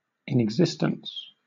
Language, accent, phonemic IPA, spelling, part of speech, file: English, Southern England, /ˌɪnɪɡˈzɪstəns/, inexistence, noun, LL-Q1860 (eng)-inexistence.wav
- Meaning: 1. The state of not being, not existing, or not being perceptible 2. The state of existing in something 3. That which exists within; a constituent